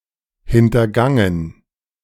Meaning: past participle of hintergehen
- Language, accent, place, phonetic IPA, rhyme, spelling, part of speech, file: German, Germany, Berlin, [ˌhɪntɐˈɡaŋən], -aŋən, hintergangen, verb, De-hintergangen.ogg